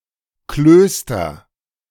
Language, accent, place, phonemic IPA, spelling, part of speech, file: German, Germany, Berlin, /ˈkløːstɐ/, Klöster, noun, De-Klöster.ogg
- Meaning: nominative/accusative/genitive plural of Kloster